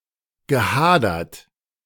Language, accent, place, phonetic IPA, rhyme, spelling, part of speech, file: German, Germany, Berlin, [ɡəˈhaːdɐt], -aːdɐt, gehadert, verb, De-gehadert.ogg
- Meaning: past participle of hadern